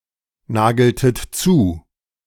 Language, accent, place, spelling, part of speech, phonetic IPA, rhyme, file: German, Germany, Berlin, Nagern, noun, [ˈnaːɡɐn], -aːɡɐn, De-Nagern.ogg
- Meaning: dative plural of Nager